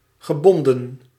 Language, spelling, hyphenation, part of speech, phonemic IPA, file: Dutch, gebonden, ge‧bon‧den, adjective / verb, /ɣəˈbɔn.də(n)/, Nl-gebonden.ogg
- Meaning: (adjective) 1. tied-up, having no freedom, bound, constrained 2. married; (verb) past participle of binden